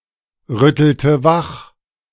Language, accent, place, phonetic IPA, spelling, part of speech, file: German, Germany, Berlin, [ˌʁʏtl̩tə ˈvax], rüttelte wach, verb, De-rüttelte wach.ogg
- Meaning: inflection of wachrütteln: 1. first/third-person singular preterite 2. first/third-person singular subjunctive II